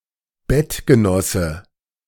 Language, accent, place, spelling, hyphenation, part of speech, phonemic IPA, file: German, Germany, Berlin, Bettgenosse, Bett‧ge‧nos‧se, noun, /ˈbɛtɡəˌnɔsə/, De-Bettgenosse.ogg
- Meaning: bedfellow